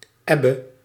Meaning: alternative form of eb
- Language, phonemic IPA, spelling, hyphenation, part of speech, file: Dutch, /ˈɛ.bə/, ebbe, eb‧be, noun, Nl-ebbe.ogg